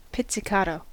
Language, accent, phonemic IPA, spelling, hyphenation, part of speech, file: English, US, /ˌpɪtsɪˈkɑːtoʊ/, pizzicato, piz‧zi‧ca‧to, adverb / noun, En-us-pizzicato.ogg
- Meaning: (adverb) To be played by plucking the strings instead of using the bow; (noun) A note that is played pizzicato